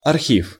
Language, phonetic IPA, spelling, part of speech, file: Russian, [ɐrˈxʲif], архив, noun, Ru-архив.ogg
- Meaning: archive